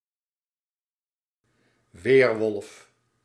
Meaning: werewolf
- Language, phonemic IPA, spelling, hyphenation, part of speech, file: Dutch, /ˈʋeːr.ʋɔlf/, weerwolf, weer‧wolf, noun, Nl-weerwolf.ogg